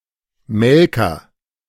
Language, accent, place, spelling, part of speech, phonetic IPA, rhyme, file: German, Germany, Berlin, Melker, noun, [ˈmɛlkɐ], -ɛlkɐ, De-Melker.ogg
- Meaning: milker